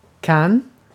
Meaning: present of kunna
- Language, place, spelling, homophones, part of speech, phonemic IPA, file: Swedish, Gotland, kan, Cannes, verb, /kanː/, Sv-kan.ogg